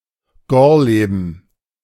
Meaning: A small town in the Gartow region of Lüchow-Dannenberg
- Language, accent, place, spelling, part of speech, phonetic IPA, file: German, Germany, Berlin, Gorleben, noun, [ˈɡɔʁˌleːbn̩], De-Gorleben.ogg